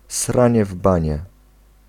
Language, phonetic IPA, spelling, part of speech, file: Polish, [ˈsrãɲɛ ˈv‿bãɲɛ], sranie w banię, noun / interjection, Pl-sranie w banię.ogg